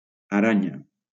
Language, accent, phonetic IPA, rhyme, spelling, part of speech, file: Catalan, Valencia, [aˈɾa.ɲa], -aɲa, aranya, noun, LL-Q7026 (cat)-aranya.wav
- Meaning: 1. spider 2. chandelier 3. weever (any of nine species of fish in the family Trachinidae)